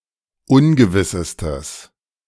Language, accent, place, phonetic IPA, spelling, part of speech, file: German, Germany, Berlin, [ˈʊnɡəvɪsəstəs], ungewissestes, adjective, De-ungewissestes.ogg
- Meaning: strong/mixed nominative/accusative neuter singular superlative degree of ungewiss